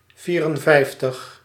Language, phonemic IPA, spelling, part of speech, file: Dutch, /ˈviːrənˌvɛi̯ftəx/, vierenvijftig, numeral, Nl-vierenvijftig.ogg
- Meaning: fifty-four